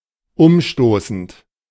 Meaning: present participle of umstoßen
- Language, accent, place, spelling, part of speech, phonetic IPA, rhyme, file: German, Germany, Berlin, umstoßend, verb, [ˈʊmˌʃtoːsn̩t], -ʊmʃtoːsn̩t, De-umstoßend.ogg